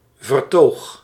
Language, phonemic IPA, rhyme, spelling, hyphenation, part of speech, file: Dutch, /vərˈtoːx/, -oːx, vertoog, ver‧toog, noun, Nl-vertoog.ogg
- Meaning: 1. discourse (way of thinking involving certain concepts and terms) 2. discourse (exposition of some length)